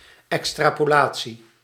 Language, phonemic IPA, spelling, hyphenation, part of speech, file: Dutch, /ˌɛks.traː.poːˈlaː.(t)si/, extrapolatie, ex‧tra‧po‧la‧tie, noun, Nl-extrapolatie.ogg
- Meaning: extrapolation